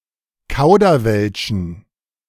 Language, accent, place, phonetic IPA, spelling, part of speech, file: German, Germany, Berlin, [ˈkaʊ̯dɐˌvɛlʃn̩], kauderwelschen, verb, De-kauderwelschen.ogg
- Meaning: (verb) to talk gibberish, to chatter; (adjective) inflection of kauderwelsch: 1. strong genitive masculine/neuter singular 2. weak/mixed genitive/dative all-gender singular